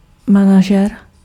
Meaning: manager
- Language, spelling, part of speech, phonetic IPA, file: Czech, manažer, noun, [ˈmanaʒɛr], Cs-manažer.ogg